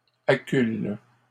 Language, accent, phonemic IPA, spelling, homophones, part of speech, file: French, Canada, /a.kyl/, accules, accule / acculent, verb, LL-Q150 (fra)-accules.wav
- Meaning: second-person singular present indicative/subjunctive of acculer